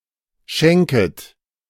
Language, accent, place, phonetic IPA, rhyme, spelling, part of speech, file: German, Germany, Berlin, [ˈʃɛŋkət], -ɛŋkət, schenket, verb, De-schenket.ogg
- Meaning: second-person plural subjunctive I of schenken